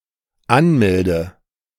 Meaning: inflection of anmelden: 1. first-person singular dependent present 2. first/third-person singular dependent subjunctive I
- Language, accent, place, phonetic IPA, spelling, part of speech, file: German, Germany, Berlin, [ˈanˌmɛldə], anmelde, verb, De-anmelde.ogg